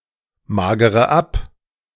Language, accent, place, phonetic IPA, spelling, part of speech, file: German, Germany, Berlin, [ˌmaːɡəʁə ˈap], magere ab, verb, De-magere ab.ogg
- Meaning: inflection of abmagern: 1. first-person singular present 2. first/third-person singular subjunctive I 3. singular imperative